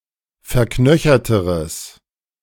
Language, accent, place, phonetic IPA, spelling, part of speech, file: German, Germany, Berlin, [fɛɐ̯ˈknœçɐtəʁəs], verknöcherteres, adjective, De-verknöcherteres.ogg
- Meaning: strong/mixed nominative/accusative neuter singular comparative degree of verknöchert